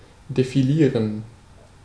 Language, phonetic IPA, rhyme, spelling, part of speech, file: German, [defiˈliːʁən], -iːʁən, defilieren, verb, De-defilieren.ogg
- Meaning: to march past; to parade past